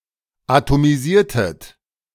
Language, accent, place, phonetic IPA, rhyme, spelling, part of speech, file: German, Germany, Berlin, [atomiˈziːɐ̯tət], -iːɐ̯tət, atomisiertet, verb, De-atomisiertet.ogg
- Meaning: inflection of atomisieren: 1. second-person plural preterite 2. second-person plural subjunctive II